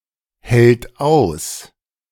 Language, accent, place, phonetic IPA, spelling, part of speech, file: German, Germany, Berlin, [hɛlt ˈaʊ̯s], hält aus, verb, De-hält aus.ogg
- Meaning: third-person singular present of aushalten